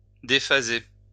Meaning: to dephase
- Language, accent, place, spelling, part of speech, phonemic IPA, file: French, France, Lyon, déphaser, verb, /de.fa.ze/, LL-Q150 (fra)-déphaser.wav